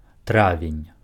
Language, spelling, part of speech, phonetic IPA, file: Belarusian, травень, noun, [ˈtravʲenʲ], Be-травень.ogg
- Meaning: May